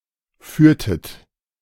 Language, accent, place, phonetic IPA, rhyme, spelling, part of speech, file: German, Germany, Berlin, [ˈfyːɐ̯tət], -yːɐ̯tət, führtet, verb, De-führtet.ogg
- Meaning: inflection of führen: 1. second-person plural preterite 2. second-person plural subjunctive II